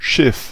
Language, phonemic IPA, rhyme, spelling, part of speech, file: German, /ʃɪf/, -ɪf, Schiff, noun / proper noun, De-Schiff.ogg
- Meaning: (noun) 1. ship 2. nave 3. a large, unwieldy car (e.g. an SUV) 4. vessel (for holding fluids) 5. boiler (metal container for boiling water in some old stoves and ovens) 6. galley (tray)